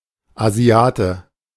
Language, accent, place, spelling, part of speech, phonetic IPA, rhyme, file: German, Germany, Berlin, Asiate, noun, [aˈzi̯aːtə], -aːtə, De-Asiate.ogg
- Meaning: Asian (male or of unspecified gender)